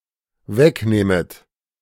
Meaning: second-person plural dependent subjunctive I of wegnehmen
- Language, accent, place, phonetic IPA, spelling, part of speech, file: German, Germany, Berlin, [ˈvɛkˌneːmət], wegnehmet, verb, De-wegnehmet.ogg